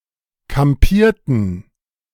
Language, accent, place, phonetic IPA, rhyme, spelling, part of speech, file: German, Germany, Berlin, [kamˈpiːɐ̯tn̩], -iːɐ̯tn̩, kampierten, verb, De-kampierten.ogg
- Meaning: inflection of kampieren: 1. first/third-person plural preterite 2. first/third-person plural subjunctive II